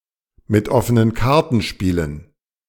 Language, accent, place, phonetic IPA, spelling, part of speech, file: German, Germany, Berlin, [mɪt ˈɔfənən ˈkaʁtn̩ ˈʃpiːlən], mit offenen Karten spielen, phrase, De-mit offenen Karten spielen.ogg
- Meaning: to play it straight